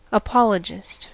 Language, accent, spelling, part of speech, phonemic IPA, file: English, US, apologist, noun, /əˈpɒl.ə.d͡ʒɪst/, En-us-apologist.ogg
- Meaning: One who makes an apology.: 1. One who speaks or writes in defense of a faith, a cause, or an institution 2. Synonym of apologizer